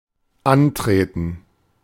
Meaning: to arrive; to present oneself: 1. to line up; to stand for a muster or report 2. to compete; to run
- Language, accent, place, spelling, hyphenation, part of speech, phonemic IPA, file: German, Germany, Berlin, antreten, an‧tre‧ten, verb, /ˈanˌtʁeːtən/, De-antreten.ogg